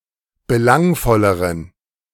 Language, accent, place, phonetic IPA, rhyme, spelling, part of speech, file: German, Germany, Berlin, [bəˈlaŋfɔləʁən], -aŋfɔləʁən, belangvolleren, adjective, De-belangvolleren.ogg
- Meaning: inflection of belangvoll: 1. strong genitive masculine/neuter singular comparative degree 2. weak/mixed genitive/dative all-gender singular comparative degree